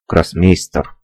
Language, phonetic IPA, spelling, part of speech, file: Russian, [ɡrɐsˈmʲejsʲtʲɪr], гроссмейстер, noun, Ru-Grossmeister.ogg
- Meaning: Grandmaster